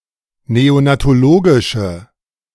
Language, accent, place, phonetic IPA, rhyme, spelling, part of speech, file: German, Germany, Berlin, [ˌneonatoˈloːɡɪʃə], -oːɡɪʃə, neonatologische, adjective, De-neonatologische.ogg
- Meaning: inflection of neonatologisch: 1. strong/mixed nominative/accusative feminine singular 2. strong nominative/accusative plural 3. weak nominative all-gender singular